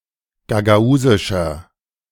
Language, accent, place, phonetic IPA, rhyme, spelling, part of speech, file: German, Germany, Berlin, [ɡaɡaˈuːzɪʃɐ], -uːzɪʃɐ, gagausischer, adjective, De-gagausischer.ogg
- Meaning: inflection of gagausisch: 1. strong/mixed nominative masculine singular 2. strong genitive/dative feminine singular 3. strong genitive plural